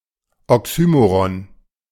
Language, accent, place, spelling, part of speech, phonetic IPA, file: German, Germany, Berlin, Oxymoron, noun, [ɔˈksyːmoʁɔn], De-Oxymoron.ogg
- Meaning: 1. oxymoron (figure of speech) 2. contradiction in terms